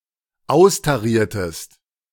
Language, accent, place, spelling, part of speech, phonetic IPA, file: German, Germany, Berlin, austariertest, verb, [ˈaʊ̯staˌʁiːɐ̯təst], De-austariertest.ogg
- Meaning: inflection of austarieren: 1. second-person singular dependent preterite 2. second-person singular dependent subjunctive II